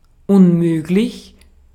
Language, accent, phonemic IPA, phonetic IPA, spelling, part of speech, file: German, Austria, /ʔʊn.ˈmøː.klɪç/, [ʔʊm.ˈmøː.klɪç], unmöglich, adjective / adverb, De-at-unmöglich.ogg
- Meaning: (adjective) 1. impossible 2. ridiculous, improper (not aligned with aesthetic or social norms or expectations); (adverb) 1. impossibly 2. not…possibly, it is not possible for/that…